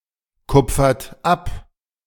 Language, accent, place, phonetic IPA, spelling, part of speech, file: German, Germany, Berlin, [ˌkʊp͡fɐt ˈap], kupfert ab, verb, De-kupfert ab.ogg
- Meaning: inflection of abkupfern: 1. third-person singular present 2. second-person plural present 3. plural imperative